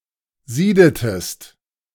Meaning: inflection of sieden: 1. second-person singular preterite 2. second-person singular subjunctive II
- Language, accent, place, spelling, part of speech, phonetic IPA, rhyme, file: German, Germany, Berlin, siedetest, verb, [ˈziːdətəst], -iːdətəst, De-siedetest.ogg